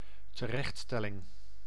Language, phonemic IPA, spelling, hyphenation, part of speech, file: Dutch, /təˈrɛxtˌstɛ.lɪŋ/, terechtstelling, te‧recht‧stel‧ling, noun, Nl-terechtstelling.ogg
- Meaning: execution, the act of carrying out a death sentence